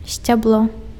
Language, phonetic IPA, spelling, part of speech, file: Belarusian, [sʲt͡sʲabˈɫo], сцябло, noun, Be-сцябло.ogg
- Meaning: stalk (stem of a plant)